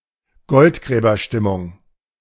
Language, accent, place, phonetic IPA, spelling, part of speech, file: German, Germany, Berlin, [ˈɡɔltɡʁɛːbɐˌʃtɪmʊŋ], Goldgräberstimmung, noun, De-Goldgräberstimmung.ogg
- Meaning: gold rush mood